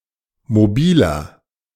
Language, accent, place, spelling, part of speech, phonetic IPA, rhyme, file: German, Germany, Berlin, mobiler, adjective, [moˈbiːlɐ], -iːlɐ, De-mobiler.ogg
- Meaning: 1. comparative degree of mobil 2. inflection of mobil: strong/mixed nominative masculine singular 3. inflection of mobil: strong genitive/dative feminine singular